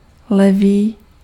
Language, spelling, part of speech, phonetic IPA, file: Czech, levý, adjective, [ˈlɛviː], Cs-levý.ogg
- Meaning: 1. left (of direction) 2. clumsy